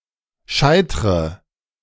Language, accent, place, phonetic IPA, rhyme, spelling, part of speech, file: German, Germany, Berlin, [ˈʃaɪ̯tʁə], -aɪ̯tʁə, scheitre, verb, De-scheitre.ogg
- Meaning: inflection of scheitern: 1. first-person singular present 2. first/third-person singular subjunctive I 3. singular imperative